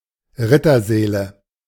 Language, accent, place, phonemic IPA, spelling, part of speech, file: German, Germany, Berlin, /ˈʁɪtɐˌzɛːlə/, Rittersäle, noun, De-Rittersäle.ogg
- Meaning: nominative/accusative/genitive plural of Rittersaal